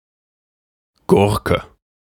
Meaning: 1. cucumber (plant) (Cucumis sativus) 2. cucumber (fruit) 3. long nose 4. piece of junk (a device that is considered subpar and outdated, especially of vehicles and computing equipment)
- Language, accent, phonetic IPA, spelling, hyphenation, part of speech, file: German, Germany, [ˈɡʊɐ̯.kə], Gurke, Gur‧ke, noun, De-Gurke.ogg